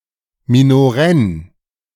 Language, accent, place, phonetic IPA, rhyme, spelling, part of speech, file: German, Germany, Berlin, [minoˈʁɛn], -ɛn, minorenn, adjective, De-minorenn.ogg
- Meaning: underage